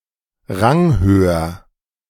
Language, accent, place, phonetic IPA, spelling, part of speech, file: German, Germany, Berlin, [ˈʁaŋˌhøːɐ], ranghöher, adjective, De-ranghöher.ogg
- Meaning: comparative degree of ranghoch